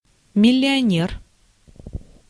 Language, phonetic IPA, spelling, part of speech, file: Russian, [mʲɪlʲɪɐˈnʲer], миллионер, noun, Ru-миллионер.ogg
- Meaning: millionaire